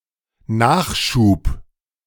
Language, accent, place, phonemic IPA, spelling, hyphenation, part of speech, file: German, Germany, Berlin, /ˈnaːχʃuːp/, Nachschub, Nach‧schub, noun, De-Nachschub.ogg
- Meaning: supplies, fresh supply, replenishment